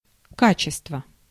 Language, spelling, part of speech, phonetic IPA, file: Russian, качество, noun, [ˈkat͡ɕɪstvə], Ru-качество.ogg
- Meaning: quality